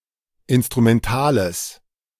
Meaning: strong/mixed nominative/accusative neuter singular of instrumental
- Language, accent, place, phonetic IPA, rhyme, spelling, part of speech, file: German, Germany, Berlin, [ˌɪnstʁumɛnˈtaːləs], -aːləs, instrumentales, adjective, De-instrumentales.ogg